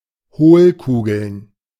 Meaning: plural of Hohlkugel
- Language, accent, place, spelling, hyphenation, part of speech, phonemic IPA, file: German, Germany, Berlin, Hohlkugeln, Hohl‧ku‧geln, noun, /ˈhoːlˌkuːɡl̩n/, De-Hohlkugeln.ogg